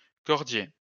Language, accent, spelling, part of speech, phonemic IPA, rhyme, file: French, France, cordier, noun, /kɔʁ.dje/, -e, LL-Q150 (fra)-cordier.wav
- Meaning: 1. tailpiece 2. ropemaker